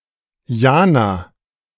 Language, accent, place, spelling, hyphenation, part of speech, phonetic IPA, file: German, Germany, Berlin, Jana, Ja‧na, proper noun, [ˈjaːna], De-Jana.ogg
- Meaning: a female given name